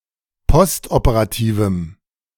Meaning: strong dative masculine/neuter singular of postoperativ
- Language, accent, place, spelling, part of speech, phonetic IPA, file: German, Germany, Berlin, postoperativem, adjective, [ˈpɔstʔopəʁaˌtiːvm̩], De-postoperativem.ogg